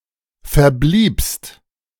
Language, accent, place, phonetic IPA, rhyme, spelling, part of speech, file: German, Germany, Berlin, [fɛɐ̯ˈbliːpst], -iːpst, verbliebst, verb, De-verbliebst.ogg
- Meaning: second-person singular preterite of verbleiben